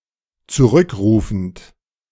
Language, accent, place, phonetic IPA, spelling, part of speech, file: German, Germany, Berlin, [t͡suˈʁʏkˌʁuːfn̩t], zurückrufend, verb, De-zurückrufend.ogg
- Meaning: present participle of zurückrufen